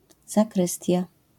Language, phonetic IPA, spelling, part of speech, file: Polish, [zaˈkrɨstʲja], zakrystia, noun, LL-Q809 (pol)-zakrystia.wav